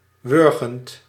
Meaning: present participle of wurgen
- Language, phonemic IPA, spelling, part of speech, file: Dutch, /ˈwʏrɣənt/, wurgend, verb / adjective, Nl-wurgend.ogg